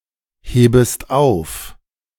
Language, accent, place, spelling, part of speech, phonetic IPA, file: German, Germany, Berlin, hebest auf, verb, [ˌheːbəst ˈaʊ̯f], De-hebest auf.ogg
- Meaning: second-person singular subjunctive I of aufheben